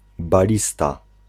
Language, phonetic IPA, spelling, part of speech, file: Polish, [baˈlʲista], balista, noun, Pl-balista.ogg